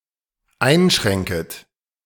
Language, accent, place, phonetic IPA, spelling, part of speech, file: German, Germany, Berlin, [ˈaɪ̯nˌʃʁɛŋkət], einschränket, verb, De-einschränket.ogg
- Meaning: second-person plural dependent subjunctive I of einschränken